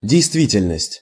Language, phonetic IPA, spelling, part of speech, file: Russian, [dʲɪjstˈvʲitʲɪlʲnəsʲtʲ], действительность, noun, Ru-действительность.ogg
- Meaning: 1. reality, actuality 2. validity (of a document)